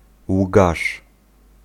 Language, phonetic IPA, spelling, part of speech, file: Polish, [wɡaʃ], łgarz, noun, Pl-łgarz.ogg